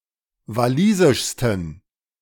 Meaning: 1. superlative degree of walisisch 2. inflection of walisisch: strong genitive masculine/neuter singular superlative degree
- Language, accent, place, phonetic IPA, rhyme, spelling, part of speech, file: German, Germany, Berlin, [vaˈliːzɪʃstn̩], -iːzɪʃstn̩, walisischsten, adjective, De-walisischsten.ogg